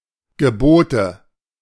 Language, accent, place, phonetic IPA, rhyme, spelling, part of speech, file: German, Germany, Berlin, [ɡəˈboːtə], -oːtə, Gebote, noun, De-Gebote.ogg
- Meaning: nominative/accusative/genitive plural of Gebot